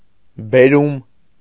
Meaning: the action of bringing, fetching
- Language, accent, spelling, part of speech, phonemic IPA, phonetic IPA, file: Armenian, Eastern Armenian, բերում, noun, /beˈɾum/, [beɾúm], Hy-բերում.ogg